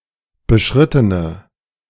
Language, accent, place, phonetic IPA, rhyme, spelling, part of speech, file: German, Germany, Berlin, [bəˈʃʁɪtənə], -ɪtənə, beschrittene, adjective, De-beschrittene.ogg
- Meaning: inflection of beschritten: 1. strong/mixed nominative/accusative feminine singular 2. strong nominative/accusative plural 3. weak nominative all-gender singular